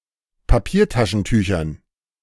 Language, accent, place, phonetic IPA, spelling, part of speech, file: German, Germany, Berlin, [paˈpiːɐ̯taʃn̩ˌtyːçɐn], Papiertaschentüchern, noun, De-Papiertaschentüchern.ogg
- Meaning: dative plural of Papiertaschentuch